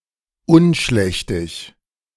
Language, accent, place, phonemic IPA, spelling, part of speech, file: German, Germany, Berlin, /ˈʊnˌʃlɛçtɪç/, unschlächtig, adjective, De-unschlächtig.ogg
- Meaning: disgusting